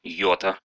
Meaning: 1. iota (the Greek letter Ι/ι) 2. iota (small amount) 3. genitive singular of йот (jot)
- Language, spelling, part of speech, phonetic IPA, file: Russian, йота, noun, [ˈjɵtə], Ru-йо́та.ogg